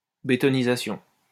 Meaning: synonym of bétonnage
- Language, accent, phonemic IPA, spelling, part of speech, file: French, France, /be.tɔ.ni.za.sjɔ̃/, bétonnisation, noun, LL-Q150 (fra)-bétonnisation.wav